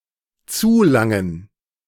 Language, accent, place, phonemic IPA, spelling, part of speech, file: German, Germany, Berlin, /ˈt͡suːˌlaŋən/, zulangen, verb, De-zulangen.ogg
- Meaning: to help oneself